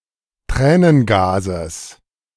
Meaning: genitive singular of Tränengas
- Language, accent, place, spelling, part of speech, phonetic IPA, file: German, Germany, Berlin, Tränengases, noun, [ˈtʁɛːnənˌɡaːzəs], De-Tränengases.ogg